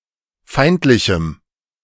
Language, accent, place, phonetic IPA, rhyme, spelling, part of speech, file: German, Germany, Berlin, [ˈfaɪ̯ntlɪçm̩], -aɪ̯ntlɪçm̩, feindlichem, adjective, De-feindlichem.ogg
- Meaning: strong dative masculine/neuter singular of feindlich